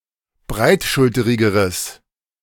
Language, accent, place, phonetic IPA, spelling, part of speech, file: German, Germany, Berlin, [ˈbʁaɪ̯tˌʃʊltəʁɪɡəʁəs], breitschulterigeres, adjective, De-breitschulterigeres.ogg
- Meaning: strong/mixed nominative/accusative neuter singular comparative degree of breitschulterig